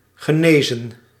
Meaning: 1. to heal 2. past participle of genezen
- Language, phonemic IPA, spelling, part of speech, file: Dutch, /ɣəˈneːzə(n)/, genezen, verb, Nl-genezen.ogg